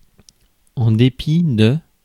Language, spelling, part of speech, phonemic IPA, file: French, dépit, noun, /de.pi/, Fr-dépit.ogg
- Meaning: scorn